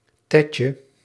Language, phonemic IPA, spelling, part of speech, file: Dutch, /ˈtɛcə/, tetje, noun, Nl-tetje.ogg
- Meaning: diminutive of tet